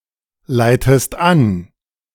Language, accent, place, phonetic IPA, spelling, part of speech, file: German, Germany, Berlin, [ˌlaɪ̯təst ˈan], leitest an, verb, De-leitest an.ogg
- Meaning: inflection of anleiten: 1. second-person singular present 2. second-person singular subjunctive I